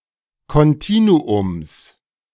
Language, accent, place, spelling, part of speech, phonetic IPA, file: German, Germany, Berlin, Kontinuums, noun, [ˌkɔnˈtiːnuʊms], De-Kontinuums.ogg
- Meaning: genitive singular of Kontinuum